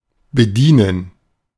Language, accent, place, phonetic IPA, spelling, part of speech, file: German, Germany, Berlin, [bəˈdiːnən], bedienen, verb, De-bedienen.ogg
- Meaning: 1. to serve 2. to operate 3. to play a card according to the grouping of the first card of a trick; to follow suit 4. to help oneself 5. to make use of